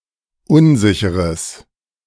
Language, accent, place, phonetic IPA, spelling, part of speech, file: German, Germany, Berlin, [ˈʊnˌzɪçəʁəs], unsicheres, adjective, De-unsicheres.ogg
- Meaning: strong/mixed nominative/accusative neuter singular of unsicher